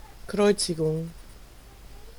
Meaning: crucifixion
- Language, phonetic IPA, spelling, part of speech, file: German, [ˈkʁɔɪ̯t͡sɪɡʊŋ], Kreuzigung, noun, De-Kreuzigung.ogg